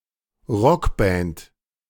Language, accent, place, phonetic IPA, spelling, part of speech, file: German, Germany, Berlin, [ˈʁɔkˌbɛnt], Rockband, noun, De-Rockband.ogg
- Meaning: 1. rock band 2. skirt belt